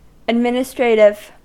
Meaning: Of or relating to administering or administration
- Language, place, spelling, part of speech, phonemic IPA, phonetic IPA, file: English, California, administrative, adjective, /ədˈmɪn.əˌstɹeɪ.tɪv/, [ədˈmɪn.əˌstɹeɪ.ɾɪv], En-us-administrative.ogg